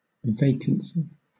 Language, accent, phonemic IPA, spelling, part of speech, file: English, Southern England, /ˈveɪkənsi/, vacancy, noun, LL-Q1860 (eng)-vacancy.wav
- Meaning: 1. An unoccupied position or job 2. An available room in a hotel; guest house, etc 3. Empty space 4. A blank mind, unoccupied with thought 5. Lack of intelligence or understanding